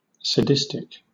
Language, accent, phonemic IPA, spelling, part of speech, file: English, Southern England, /səˈdɪstɪk/, sadistic, adjective, LL-Q1860 (eng)-sadistic.wav
- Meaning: 1. Delighting in or feeling pleasure from the pain or humiliation of others 2. Of behaviour which takes pleasure in the pain or humiliation of others 3. Causing a high degree of pain or humiliation